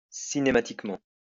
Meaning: cinematically
- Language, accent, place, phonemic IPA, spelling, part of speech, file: French, France, Lyon, /si.ne.ma.tik.mɑ̃/, cinématiquement, adverb, LL-Q150 (fra)-cinématiquement.wav